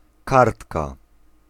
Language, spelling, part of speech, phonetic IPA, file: Polish, kartka, noun, [ˈkartka], Pl-kartka.ogg